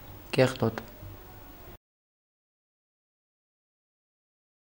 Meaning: 1. dirty, unclean 2. dirty
- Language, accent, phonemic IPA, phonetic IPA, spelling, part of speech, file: Armenian, Eastern Armenian, /keχˈtot/, [keχtót], կեղտոտ, adjective, Hy-կեղտոտ.ogg